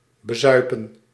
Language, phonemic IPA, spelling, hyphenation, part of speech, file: Dutch, /bəˈzœy̯.pə(n)/, bezuipen, be‧zui‧pen, verb, Nl-bezuipen.ogg
- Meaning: to get drunk